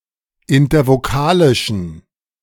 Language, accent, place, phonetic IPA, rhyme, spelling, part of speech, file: German, Germany, Berlin, [ɪntɐvoˈkaːlɪʃn̩], -aːlɪʃn̩, intervokalischen, adjective, De-intervokalischen.ogg
- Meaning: inflection of intervokalisch: 1. strong genitive masculine/neuter singular 2. weak/mixed genitive/dative all-gender singular 3. strong/weak/mixed accusative masculine singular 4. strong dative plural